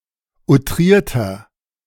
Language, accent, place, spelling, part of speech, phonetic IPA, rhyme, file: German, Germany, Berlin, outrierter, adjective, [uˈtʁiːɐ̯tɐ], -iːɐ̯tɐ, De-outrierter.ogg
- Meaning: inflection of outriert: 1. strong/mixed nominative masculine singular 2. strong genitive/dative feminine singular 3. strong genitive plural